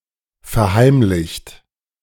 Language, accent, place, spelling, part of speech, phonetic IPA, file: German, Germany, Berlin, verheimlicht, verb, [fɛɐ̯ˈhaɪ̯mlɪçt], De-verheimlicht.ogg
- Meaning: 1. past participle of verheimlichen 2. inflection of verheimlichen: second-person plural present 3. inflection of verheimlichen: third-person singular present